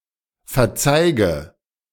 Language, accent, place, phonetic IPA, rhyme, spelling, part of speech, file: German, Germany, Berlin, [fɛɐ̯ˈt͡saɪ̯ɡə], -aɪ̯ɡə, verzeige, verb, De-verzeige.ogg
- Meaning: inflection of verzeigen: 1. first-person singular present 2. first/third-person singular subjunctive I 3. singular imperative